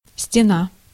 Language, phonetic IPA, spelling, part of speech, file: Russian, [sʲtʲɪˈna], стена, noun, Ru-стена.ogg
- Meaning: wall